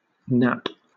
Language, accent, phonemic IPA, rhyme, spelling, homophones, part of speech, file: English, Southern England, /næp/, -æp, knap, nap, verb / noun, LL-Q1860 (eng)-knap.wav
- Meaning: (verb) To break (something) into small pieces with a cracking sound; to fragment, to smash; also, to break (something) apart sharply; to snap